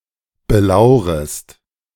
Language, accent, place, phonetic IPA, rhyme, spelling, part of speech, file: German, Germany, Berlin, [bəˈlaʊ̯ʁəst], -aʊ̯ʁəst, belaurest, verb, De-belaurest.ogg
- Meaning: second-person singular subjunctive I of belauern